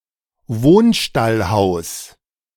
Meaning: byre-dwelling
- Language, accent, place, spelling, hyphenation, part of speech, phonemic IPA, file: German, Germany, Berlin, Wohnstallhaus, Wohn‧stall‧haus, noun, /ˈvoːnˈʃtalˌhaʊ̯s/, De-Wohnstallhaus.ogg